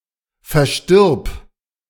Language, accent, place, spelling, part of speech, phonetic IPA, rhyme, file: German, Germany, Berlin, verstirb, verb, [fɛɐ̯ˈʃtɪʁp], -ɪʁp, De-verstirb.ogg
- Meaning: singular imperative of versterben